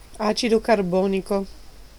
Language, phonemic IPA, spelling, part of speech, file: Italian, /ˈat͡ʃidokarˈbɔːniko/, acido carbonico, phrase, It-acido carbonico.ogg
- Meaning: carbonic acid